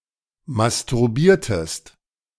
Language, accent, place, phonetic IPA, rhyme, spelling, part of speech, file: German, Germany, Berlin, [mastʊʁˈbiːɐ̯təst], -iːɐ̯təst, masturbiertest, verb, De-masturbiertest.ogg
- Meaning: inflection of masturbieren: 1. second-person singular preterite 2. second-person singular subjunctive II